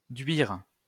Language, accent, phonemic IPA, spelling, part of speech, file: French, France, /dɥiʁ/, duire, verb, LL-Q150 (fra)-duire.wav
- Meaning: to train (an animal, esp. a bird)